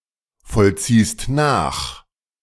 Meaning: second-person singular present of nachvollziehen
- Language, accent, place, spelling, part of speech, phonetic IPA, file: German, Germany, Berlin, vollziehst nach, verb, [fɔlˌt͡siːst ˈnaːx], De-vollziehst nach.ogg